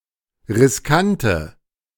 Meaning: inflection of riskant: 1. strong/mixed nominative/accusative feminine singular 2. strong nominative/accusative plural 3. weak nominative all-gender singular 4. weak accusative feminine/neuter singular
- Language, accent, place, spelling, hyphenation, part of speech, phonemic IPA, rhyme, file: German, Germany, Berlin, riskante, ris‧kan‧te, adjective, /ʁɪsˈkan.tɛ/, -antɛ, De-riskante.ogg